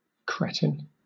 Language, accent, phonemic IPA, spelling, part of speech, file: English, Southern England, /ˈkɹɛtɪn/, cretin, noun, LL-Q1860 (eng)-cretin.wav
- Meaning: 1. A person who fails to develop mentally and physically due to a congenital hypothyroidism 2. An idiot